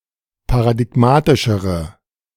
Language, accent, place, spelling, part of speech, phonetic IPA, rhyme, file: German, Germany, Berlin, paradigmatischere, adjective, [paʁadɪˈɡmaːtɪʃəʁə], -aːtɪʃəʁə, De-paradigmatischere.ogg
- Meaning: inflection of paradigmatisch: 1. strong/mixed nominative/accusative feminine singular comparative degree 2. strong nominative/accusative plural comparative degree